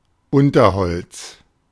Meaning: underbrush, underwood, undergrowth
- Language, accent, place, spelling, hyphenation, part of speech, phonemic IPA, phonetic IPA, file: German, Germany, Berlin, Unterholz, Un‧ter‧holz, noun, /ˈʊntəʁˌhɔlts/, [ˈʔʊntɐˌhɔlts], De-Unterholz.ogg